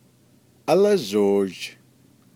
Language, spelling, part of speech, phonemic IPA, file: Navajo, álázhoozh, noun, /ʔɑ́lɑ́ʒòːʒ/, Nv-álázhoozh.ogg
- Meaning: 1. finger 2. phalanges of the hand 3. metacarpals of the hand